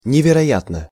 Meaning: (adverb) unbelievably, incredibly (in a manner one does not believe); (adjective) short neuter singular of невероя́тный (neverojátnyj)
- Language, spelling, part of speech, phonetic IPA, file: Russian, невероятно, adverb / adjective, [nʲɪvʲɪrɐˈjatnə], Ru-невероятно.ogg